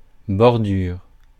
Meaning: 1. border (the outer edge of something) 2. bordure 3. the foot of a sail 4. kerb (the edge of a pavement or sidewalk)
- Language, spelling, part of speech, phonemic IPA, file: French, bordure, noun, /bɔʁ.dyʁ/, Fr-bordure.ogg